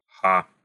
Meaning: 1. The Cyrillic letter Х, х 2. The Roman letter H, h, more often called аш (aš) 3. The German letter H, h
- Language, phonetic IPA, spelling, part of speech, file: Russian, [xa], ха, noun, Ru-ха.ogg